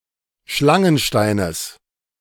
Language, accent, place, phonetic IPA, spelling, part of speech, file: German, Germany, Berlin, [ˈʃlaŋənˌʃtaɪ̯nəs], Schlangensteines, noun, De-Schlangensteines.ogg
- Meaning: genitive singular of Schlangenstein